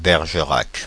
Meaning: 1. Bergerac (a city in Dordogne department, France) 2. a surname
- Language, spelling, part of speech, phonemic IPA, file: French, Bergerac, proper noun, /bɛʁ.ʒə.ʁak/, Fr-Bergerac.ogg